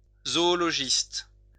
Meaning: zoologist
- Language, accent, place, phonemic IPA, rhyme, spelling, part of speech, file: French, France, Lyon, /zɔ.ɔ.lɔ.ʒist/, -ist, zoologiste, noun, LL-Q150 (fra)-zoologiste.wav